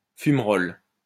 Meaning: 1. fumarole 2. the gas and smoke from a fumarole
- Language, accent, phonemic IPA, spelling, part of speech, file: French, France, /fym.ʁɔl/, fumerolle, noun, LL-Q150 (fra)-fumerolle.wav